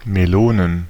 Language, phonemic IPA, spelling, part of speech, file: German, /meˈloːnən/, Melonen, noun, De-Melonen.ogg
- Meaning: plural of Melone "melons"